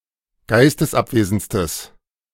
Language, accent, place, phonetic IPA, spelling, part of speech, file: German, Germany, Berlin, [ˈɡaɪ̯stəsˌʔapveːzn̩t͡stəs], geistesabwesendstes, adjective, De-geistesabwesendstes.ogg
- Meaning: strong/mixed nominative/accusative neuter singular superlative degree of geistesabwesend